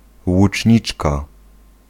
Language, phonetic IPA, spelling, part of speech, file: Polish, [wut͡ʃʲˈɲit͡ʃka], łuczniczka, noun, Pl-łuczniczka.ogg